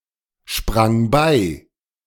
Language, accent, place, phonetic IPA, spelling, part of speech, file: German, Germany, Berlin, [ˌʃpʁaŋ ˈbaɪ̯], sprang bei, verb, De-sprang bei.ogg
- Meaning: first/third-person singular preterite of beispringen